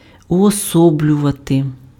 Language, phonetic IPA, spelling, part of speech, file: Ukrainian, [ʊɔˈsɔblʲʊʋɐte], уособлювати, verb, Uk-уособлювати.ogg
- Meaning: to personify